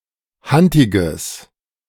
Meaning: strong/mixed nominative/accusative neuter singular of hantig
- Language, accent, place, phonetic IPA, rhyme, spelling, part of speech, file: German, Germany, Berlin, [ˈhantɪɡəs], -antɪɡəs, hantiges, adjective, De-hantiges.ogg